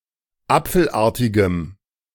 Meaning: strong dative masculine/neuter singular of apfelartig
- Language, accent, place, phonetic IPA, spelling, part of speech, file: German, Germany, Berlin, [ˈap͡fl̩ˌʔaːɐ̯tɪɡəm], apfelartigem, adjective, De-apfelartigem.ogg